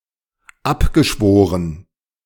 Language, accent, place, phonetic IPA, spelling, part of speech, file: German, Germany, Berlin, [ˈapɡəˌʃvoːʁən], abgeschworen, verb, De-abgeschworen.ogg
- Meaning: past participle of abschwören